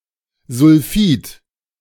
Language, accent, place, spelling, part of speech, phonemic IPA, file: German, Germany, Berlin, Sulfid, noun, /zʊlˈfiːt/, De-Sulfid.ogg
- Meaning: sulfide